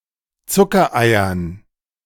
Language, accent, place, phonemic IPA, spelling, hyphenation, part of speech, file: German, Germany, Berlin, /ˈt͡sʊkɐˌaɪ̯ɐn/, Zuckereiern, Zu‧cker‧ei‧ern, noun, De-Zuckereiern.ogg
- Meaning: dative plural of Zuckerei